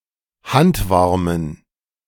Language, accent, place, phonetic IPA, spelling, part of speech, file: German, Germany, Berlin, [ˈhantˌvaʁmən], handwarmen, adjective, De-handwarmen.ogg
- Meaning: inflection of handwarm: 1. strong genitive masculine/neuter singular 2. weak/mixed genitive/dative all-gender singular 3. strong/weak/mixed accusative masculine singular 4. strong dative plural